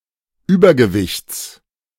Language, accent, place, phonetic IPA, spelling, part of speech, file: German, Germany, Berlin, [ˈyːbɐɡəˌvɪçt͡s], Übergewichts, noun, De-Übergewichts.ogg
- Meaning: genitive singular of Übergewicht